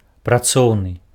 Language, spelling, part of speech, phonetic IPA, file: Belarusian, працоўны, adjective, [praˈt͡sou̯nɨ], Be-працоўны.ogg
- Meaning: labor, work